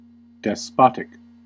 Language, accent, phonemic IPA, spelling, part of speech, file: English, US, /dɛsˈpɑt.ɪk/, despotic, adjective, En-us-despotic.ogg
- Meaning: 1. Of or pertaining to a despot or tyrant 2. Acting or ruling as a despot, tyrannical